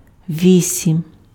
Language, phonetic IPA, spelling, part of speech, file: Ukrainian, [ˈʋʲisʲim], вісім, numeral, Uk-вісім.ogg
- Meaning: eight